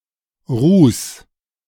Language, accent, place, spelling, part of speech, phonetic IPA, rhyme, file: German, Germany, Berlin, ruß, verb, [ʁuːs], -uːs, De-ruß.ogg
- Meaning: 1. singular imperative of rußen 2. first-person singular present of rußen